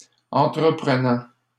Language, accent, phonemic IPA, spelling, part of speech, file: French, Canada, /ɑ̃.tʁə.pʁə.nɑ̃/, entreprenant, verb / adjective, LL-Q150 (fra)-entreprenant.wav
- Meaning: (verb) present participle of entreprendre; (adjective) 1. enterprising 2. forward, bold, daring; handsy (who doesn't hesitate in making sexual advances)